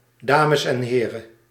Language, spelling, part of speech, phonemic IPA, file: Dutch, dames en heren, noun, /ˈdaː.məs ɛn ˈɦeː.rə(n)/, Nl-dames en heren.ogg
- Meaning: ladies and gentlemen